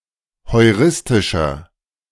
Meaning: inflection of heuristisch: 1. strong/mixed nominative masculine singular 2. strong genitive/dative feminine singular 3. strong genitive plural
- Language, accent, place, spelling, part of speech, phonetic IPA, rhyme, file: German, Germany, Berlin, heuristischer, adjective, [hɔɪ̯ˈʁɪstɪʃɐ], -ɪstɪʃɐ, De-heuristischer.ogg